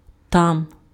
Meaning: there
- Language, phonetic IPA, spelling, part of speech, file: Ukrainian, [tam], там, adverb, Uk-там.ogg